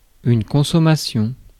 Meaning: 1. consumption 2. consummation (the first act of sexual intercourse in a relationship, particularly the first such act following marriage) 3. consumers, consuming public, clientele
- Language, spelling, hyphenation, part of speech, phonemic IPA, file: French, consommation, con‧som‧ma‧tion, noun, /kɔ̃.sɔ.ma.sjɔ̃/, Fr-consommation.ogg